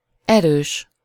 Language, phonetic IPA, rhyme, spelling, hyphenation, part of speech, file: Hungarian, [ˈɛrøːʃ], -øːʃ, erős, erős, adjective, Hu-erős.ogg
- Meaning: 1. strong (capable of producing great physical force) 2. strong (capable of withstanding great physical force) 3. strong (having a high concentration of an essential or active ingredient)